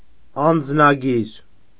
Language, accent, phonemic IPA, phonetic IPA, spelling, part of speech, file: Armenian, Eastern Armenian, /ɑnd͡znɑˈɡiɾ/, [ɑnd͡znɑɡíɾ], անձնագիր, noun, Hy-անձնագիր.ogg
- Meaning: passport